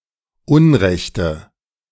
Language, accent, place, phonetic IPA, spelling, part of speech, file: German, Germany, Berlin, [ˈʊnˌʁɛçtə], unrechte, adjective, De-unrechte.ogg
- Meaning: inflection of unrecht: 1. strong/mixed nominative/accusative feminine singular 2. strong nominative/accusative plural 3. weak nominative all-gender singular 4. weak accusative feminine/neuter singular